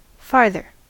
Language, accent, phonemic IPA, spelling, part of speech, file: English, US, /ˈfɑɹðɚ/, farther, adjective / adverb / verb, En-us-farther.ogg
- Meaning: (adjective) Alternative form of further. (See also the usage notes at further.); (verb) Alternative form of further